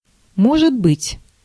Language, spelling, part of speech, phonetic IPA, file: Russian, может быть, adverb, [ˈmoʐɨd‿bɨtʲ], Ru-может быть.ogg
- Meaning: maybe, perhaps, possibly